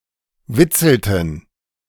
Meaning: inflection of witzeln: 1. first/third-person plural preterite 2. first/third-person plural subjunctive II
- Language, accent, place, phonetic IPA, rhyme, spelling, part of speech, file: German, Germany, Berlin, [ˈvɪt͡sl̩tn̩], -ɪt͡sl̩tn̩, witzelten, verb, De-witzelten.ogg